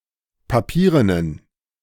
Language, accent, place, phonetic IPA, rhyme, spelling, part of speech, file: German, Germany, Berlin, [paˈpiːʁənən], -iːʁənən, papierenen, adjective, De-papierenen.ogg
- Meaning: inflection of papieren: 1. strong genitive masculine/neuter singular 2. weak/mixed genitive/dative all-gender singular 3. strong/weak/mixed accusative masculine singular 4. strong dative plural